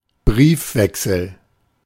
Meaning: 1. exchange of letters, communication 2. a collection letters exchanged between two people
- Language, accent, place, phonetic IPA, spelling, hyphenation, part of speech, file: German, Germany, Berlin, [ˈbʀiːfˌvɛksl̩], Briefwechsel, Brief‧wech‧sel, noun, De-Briefwechsel.ogg